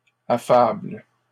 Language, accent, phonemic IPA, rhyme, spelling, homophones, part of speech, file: French, Canada, /a.fabl/, -abl, affables, affable, adjective, LL-Q150 (fra)-affables.wav
- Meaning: plural of affable